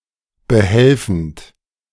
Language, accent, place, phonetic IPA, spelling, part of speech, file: German, Germany, Berlin, [bəˈhɛlfn̩t], behelfend, verb, De-behelfend.ogg
- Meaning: present participle of behelfen